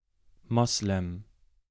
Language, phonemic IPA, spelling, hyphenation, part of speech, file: German, /ˈmɔslɛm/, Moslem, Mos‧lem, noun, De-Moslem.ogg
- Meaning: alternative form of Muslim